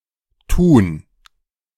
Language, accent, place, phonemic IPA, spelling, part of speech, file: German, Germany, Berlin, /tuːn/, Tun, noun, De-Tun.ogg
- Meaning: gerund of tun; doing, deeds, behaviour